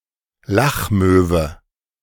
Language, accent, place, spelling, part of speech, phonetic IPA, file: German, Germany, Berlin, Lachmöwe, noun, [ˈlaxˌmøːvə], De-Lachmöwe.ogg
- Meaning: black-headed gull